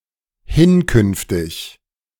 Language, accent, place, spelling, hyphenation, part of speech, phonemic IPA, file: German, Germany, Berlin, hinkünftig, hin‧künf‧tig, adjective, /ˈhɪnˌkʏnftɪç/, De-hinkünftig.ogg
- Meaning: future (in use from now on)